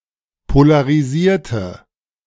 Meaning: inflection of polarisieren: 1. first/third-person singular preterite 2. first/third-person singular subjunctive II
- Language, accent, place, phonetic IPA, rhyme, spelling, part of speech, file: German, Germany, Berlin, [polaʁiˈziːɐ̯tə], -iːɐ̯tə, polarisierte, adjective / verb, De-polarisierte.ogg